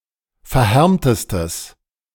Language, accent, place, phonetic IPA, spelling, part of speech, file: German, Germany, Berlin, [fɛɐ̯ˈhɛʁmtəstəs], verhärmtestes, adjective, De-verhärmtestes.ogg
- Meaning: strong/mixed nominative/accusative neuter singular superlative degree of verhärmt